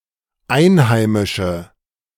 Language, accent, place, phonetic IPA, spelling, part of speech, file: German, Germany, Berlin, [ˈaɪ̯nˌhaɪ̯mɪʃə], einheimische, adjective, De-einheimische.ogg
- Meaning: inflection of einheimisch: 1. strong/mixed nominative/accusative feminine singular 2. strong nominative/accusative plural 3. weak nominative all-gender singular